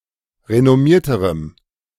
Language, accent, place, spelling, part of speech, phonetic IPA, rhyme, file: German, Germany, Berlin, renommierterem, adjective, [ʁenɔˈmiːɐ̯təʁəm], -iːɐ̯təʁəm, De-renommierterem.ogg
- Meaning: strong dative masculine/neuter singular comparative degree of renommiert